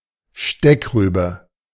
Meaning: rutabaga, swede
- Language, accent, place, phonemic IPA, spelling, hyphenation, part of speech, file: German, Germany, Berlin, /ˈʃtɛkˌʁyːbə/, Steckrübe, Steck‧rü‧be, noun, De-Steckrübe.ogg